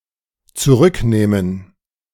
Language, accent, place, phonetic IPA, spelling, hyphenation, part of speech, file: German, Germany, Berlin, [tsuˈʁʏkˌneːmən], zurücknehmen, zu‧rück‧neh‧men, verb, De-zurücknehmen.ogg
- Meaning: 1. to withdraw, retract 2. to redeem 3. to recant 4. to revoke